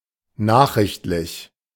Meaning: informational
- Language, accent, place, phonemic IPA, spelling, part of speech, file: German, Germany, Berlin, /ˈnaːχʁɪçtlɪç/, nachrichtlich, adjective, De-nachrichtlich.ogg